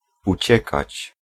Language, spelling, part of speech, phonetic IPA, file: Polish, uciekać, verb, [uˈt͡ɕɛkat͡ɕ], Pl-uciekać.ogg